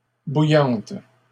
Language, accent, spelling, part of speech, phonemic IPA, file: French, Canada, bouillantes, adjective, /bu.jɑ̃t/, LL-Q150 (fra)-bouillantes.wav
- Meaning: feminine plural of bouillant